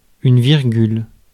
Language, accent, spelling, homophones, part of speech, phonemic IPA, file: French, France, virgule, virgules / virgulent, noun, /viʁ.ɡyl/, Fr-virgule.ogg
- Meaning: 1. comma (punctuation mark) 2. decimal comma (see usage notes)